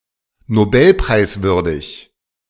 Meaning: worthy of a Nobel Prize
- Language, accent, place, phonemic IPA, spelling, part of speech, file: German, Germany, Berlin, /noˈbɛlpʁaɪ̯sˌvʏʁdɪç/, nobelpreiswürdig, adjective, De-nobelpreiswürdig.ogg